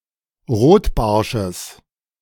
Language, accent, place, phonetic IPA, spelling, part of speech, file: German, Germany, Berlin, [ˈʁoːtˌbaʁʃəs], Rotbarsches, noun, De-Rotbarsches.ogg
- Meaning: genitive singular of Rotbarsch